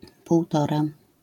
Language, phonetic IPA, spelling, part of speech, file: Polish, [puwˈtɔra], półtora, numeral, LL-Q809 (pol)-półtora.wav